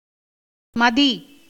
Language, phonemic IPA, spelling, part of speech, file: Tamil, /mɐd̪iː/, மதி, noun / proper noun / verb, Ta-மதி.ogg
- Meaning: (noun) 1. understanding, intellect 2. discrimination, judgement, discernment 3. esteem, value 4. Ashoka tree